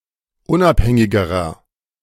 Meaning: inflection of unabhängig: 1. strong/mixed nominative masculine singular comparative degree 2. strong genitive/dative feminine singular comparative degree 3. strong genitive plural comparative degree
- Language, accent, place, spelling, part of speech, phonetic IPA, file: German, Germany, Berlin, unabhängigerer, adjective, [ˈʊnʔapˌhɛŋɪɡəʁɐ], De-unabhängigerer.ogg